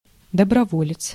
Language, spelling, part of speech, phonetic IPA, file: Russian, доброволец, noun, [dəbrɐˈvolʲɪt͡s], Ru-доброволец.ogg
- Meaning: volunteer (one who voluntarily offers himself for service; voluntary soldier; one who acts without legal obligation)